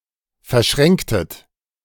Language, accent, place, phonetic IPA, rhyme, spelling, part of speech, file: German, Germany, Berlin, [fɛɐ̯ˈʃʁɛŋktət], -ɛŋktət, verschränktet, verb, De-verschränktet.ogg
- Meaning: inflection of verschränken: 1. second-person plural preterite 2. second-person plural subjunctive II